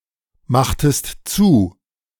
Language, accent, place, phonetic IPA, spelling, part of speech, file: German, Germany, Berlin, [ˌmaxtəst ˈt͡suː], machtest zu, verb, De-machtest zu.ogg
- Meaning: inflection of zumachen: 1. second-person singular preterite 2. second-person singular subjunctive II